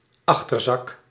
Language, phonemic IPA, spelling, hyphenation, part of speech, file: Dutch, /ˈɑx.tərˌzɑk/, achterzak, ach‧ter‧zak, noun, Nl-achterzak.ogg
- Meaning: back pocket